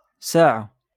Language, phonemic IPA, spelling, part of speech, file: Moroccan Arabic, /saː.ʕa/, ساعة, noun, LL-Q56426 (ary)-ساعة.wav
- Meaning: 1. hour 2. clock 3. private lessons